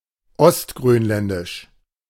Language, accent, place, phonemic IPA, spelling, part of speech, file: German, Germany, Berlin, /ɔstɡʁøːnˌlɛndɪʃ/, ostgrönländisch, adjective, De-ostgrönländisch.ogg
- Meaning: East Greenlandic